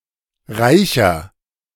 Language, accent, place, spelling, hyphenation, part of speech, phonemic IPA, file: German, Germany, Berlin, Reicher, Rei‧cher, noun, /ˈʁaɪ̯çɐ/, De-Reicher.ogg
- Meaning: 1. rich person (male or of unspecified gender) 2. inflection of Reiche: strong genitive/dative singular 3. inflection of Reiche: strong genitive plural